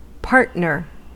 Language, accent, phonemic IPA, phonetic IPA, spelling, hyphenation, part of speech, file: English, US, /ˈpɑɹt.nɚ/, [ˈpɑɹʔ.nɚ], partner, part‧ner, noun / verb, En-us-partner.ogg
- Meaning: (noun) 1. Either of a pair of people or things that belong together 2. Someone who is associated with another in a common activity or interest